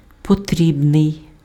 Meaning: necessary, needed, required
- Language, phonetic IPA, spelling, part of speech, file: Ukrainian, [poˈtʲrʲibnei̯], потрібний, adjective, Uk-потрібний.ogg